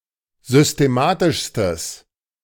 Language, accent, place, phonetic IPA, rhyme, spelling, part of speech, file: German, Germany, Berlin, [zʏsteˈmaːtɪʃstəs], -aːtɪʃstəs, systematischstes, adjective, De-systematischstes.ogg
- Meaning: strong/mixed nominative/accusative neuter singular superlative degree of systematisch